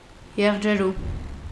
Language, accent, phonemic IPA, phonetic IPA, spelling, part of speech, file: Armenian, Eastern Armenian, /jeʁd͡ʒeˈɾu/, [jeʁd͡ʒeɾú], եղջերու, noun, Hy-եղջերու.ogg
- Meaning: male deer, stag, hart